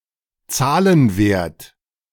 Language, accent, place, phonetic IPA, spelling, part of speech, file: German, Germany, Berlin, [ˈt͡saːlənˌveːɐ̯t], Zahlenwert, noun, De-Zahlenwert.ogg
- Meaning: numerical value